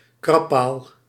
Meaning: scratching post
- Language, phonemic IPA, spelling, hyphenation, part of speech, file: Dutch, /ˈkrɑpaːl/, krabpaal, krab‧paal, noun, Nl-krabpaal.ogg